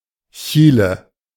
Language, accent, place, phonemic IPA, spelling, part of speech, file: German, Germany, Berlin, /ˈçiːlə/, Chile, proper noun, De-Chile.ogg
- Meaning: Chile (a country in South America)